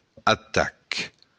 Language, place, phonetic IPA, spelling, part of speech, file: Occitan, Béarn, [atak], atac, noun, LL-Q14185 (oci)-atac.wav
- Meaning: attack